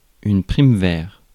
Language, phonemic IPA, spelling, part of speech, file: French, /pʁim.vɛʁ/, primevère, noun, Fr-primevère.ogg
- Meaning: primrose